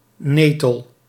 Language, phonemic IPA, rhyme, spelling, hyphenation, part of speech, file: Dutch, /ˈneː.təl/, -eːtəl, netel, ne‧tel, noun, Nl-netel.ogg
- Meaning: nettle: 1. stinging nettle, nettle of the genus Urtica 2. nettle, plant of the unrelated genera Urtica or Lamium